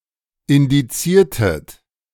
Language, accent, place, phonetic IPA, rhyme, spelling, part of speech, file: German, Germany, Berlin, [ɪndiˈt͡siːɐ̯tət], -iːɐ̯tət, indiziertet, verb, De-indiziertet.ogg
- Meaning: inflection of indizieren: 1. second-person plural preterite 2. second-person plural subjunctive II